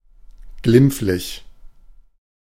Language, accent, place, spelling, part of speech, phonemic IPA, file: German, Germany, Berlin, glimpflich, adjective, /ˈɡlɪm(p)f.lɪç/, De-glimpflich.ogg
- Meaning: relatively mild or lenient; not as severe or serious as could have been expected under the circumstances